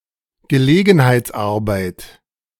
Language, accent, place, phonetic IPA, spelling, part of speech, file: German, Germany, Berlin, [ɡəˈleːɡn̩haɪ̯t͡sˌʔaʁbaɪ̯t], Gelegenheitsarbeit, noun, De-Gelegenheitsarbeit.ogg
- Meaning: odd job, casual work